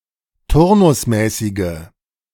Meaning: inflection of turnusmäßig: 1. strong/mixed nominative/accusative feminine singular 2. strong nominative/accusative plural 3. weak nominative all-gender singular
- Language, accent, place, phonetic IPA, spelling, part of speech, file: German, Germany, Berlin, [ˈtʊʁnʊsˌmɛːsɪɡə], turnusmäßige, adjective, De-turnusmäßige.ogg